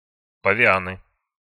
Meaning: nominative plural of павиа́н (pavián)
- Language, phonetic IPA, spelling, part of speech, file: Russian, [pəvʲɪˈanɨ], павианы, noun, Ru-павианы.ogg